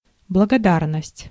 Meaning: gratitude, gratefulness, thankfulness
- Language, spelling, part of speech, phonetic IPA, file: Russian, благодарность, noun, [bɫəɡɐˈdarnəsʲtʲ], Ru-благодарность.ogg